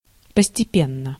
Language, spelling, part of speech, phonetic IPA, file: Russian, постепенно, adverb / adjective, [pəsʲtʲɪˈpʲenːə], Ru-постепенно.ogg
- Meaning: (adverb) gradually, step by step, by and by, progressively; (adjective) short neuter singular of постепе́нный (postepénnyj)